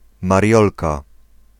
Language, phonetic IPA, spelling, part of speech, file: Polish, [marʲˈjɔlka], Mariolka, proper noun, Pl-Mariolka.ogg